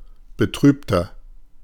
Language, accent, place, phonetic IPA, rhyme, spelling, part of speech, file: German, Germany, Berlin, [bəˈtʁyːptɐ], -yːptɐ, betrübter, adjective, De-betrübter.ogg
- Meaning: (adjective) 1. comparative degree of betrübt 2. inflection of betrübt: strong/mixed nominative masculine singular 3. inflection of betrübt: strong genitive/dative feminine singular